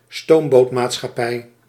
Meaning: a steamboat company
- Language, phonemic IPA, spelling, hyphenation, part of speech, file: Dutch, /ˈstoːm.boːt.maːt.sxɑˌpɛi̯/, stoombootmaatschappij, stoom‧boot‧maatschappij, noun, Nl-stoombootmaatschappij.ogg